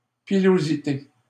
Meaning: 1. pilosity, hairiness 2. hair
- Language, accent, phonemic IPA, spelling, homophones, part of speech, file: French, Canada, /pi.lo.zi.te/, pilosité, pilosités, noun, LL-Q150 (fra)-pilosité.wav